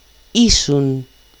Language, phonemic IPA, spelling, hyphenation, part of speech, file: Greek, /ˈisun/, ήσουν, ή‧σουν, verb, El-ήσουν.ogg
- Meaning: second-person singular imperfect of είμαι (eímai): "you were"